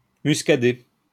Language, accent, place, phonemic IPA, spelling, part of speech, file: French, France, Lyon, /mys.ka.de/, muscader, verb, LL-Q150 (fra)-muscader.wav
- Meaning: to flavor with nutmeg